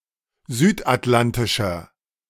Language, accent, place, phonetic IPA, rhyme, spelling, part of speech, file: German, Germany, Berlin, [ˈzyːtʔatˌlantɪʃɐ], -antɪʃɐ, südatlantischer, adjective, De-südatlantischer.ogg
- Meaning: inflection of südatlantisch: 1. strong/mixed nominative masculine singular 2. strong genitive/dative feminine singular 3. strong genitive plural